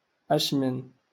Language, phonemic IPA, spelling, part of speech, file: Moroccan Arabic, /ʔaʃ.mɪn/, أشمن, adverb, LL-Q56426 (ary)-أشمن.wav
- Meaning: which?